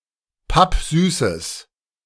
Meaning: strong/mixed nominative/accusative neuter singular of pappsüß
- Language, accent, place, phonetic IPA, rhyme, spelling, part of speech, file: German, Germany, Berlin, [ˈpapˈzyːsəs], -yːsəs, pappsüßes, adjective, De-pappsüßes.ogg